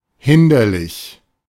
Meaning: hampering, in the way
- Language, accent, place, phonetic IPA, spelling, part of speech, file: German, Germany, Berlin, [ˈhɪndɐlɪç], hinderlich, adjective, De-hinderlich.ogg